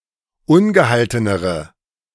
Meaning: inflection of ungehalten: 1. strong/mixed nominative/accusative feminine singular comparative degree 2. strong nominative/accusative plural comparative degree
- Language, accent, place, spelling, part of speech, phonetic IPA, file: German, Germany, Berlin, ungehaltenere, adjective, [ˈʊnɡəˌhaltənəʁə], De-ungehaltenere.ogg